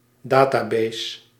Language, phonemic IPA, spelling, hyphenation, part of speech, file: Dutch, /ˈdaː.taːˌbeːs/, database, da‧ta‧base, noun, Nl-database.ogg
- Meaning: database